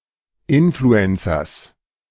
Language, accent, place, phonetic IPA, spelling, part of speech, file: German, Germany, Berlin, [ˈɪnfluɛnsɐs], Influencers, noun, De-Influencers.ogg
- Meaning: genitive singular of Influencer